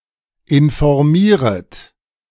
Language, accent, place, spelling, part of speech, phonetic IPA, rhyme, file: German, Germany, Berlin, informieret, verb, [ɪnfɔʁˈmiːʁət], -iːʁət, De-informieret.ogg
- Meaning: second-person plural subjunctive I of informieren